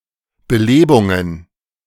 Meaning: plural of Belebung
- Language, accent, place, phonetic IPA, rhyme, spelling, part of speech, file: German, Germany, Berlin, [bəˈleːbʊŋən], -eːbʊŋən, Belebungen, noun, De-Belebungen.ogg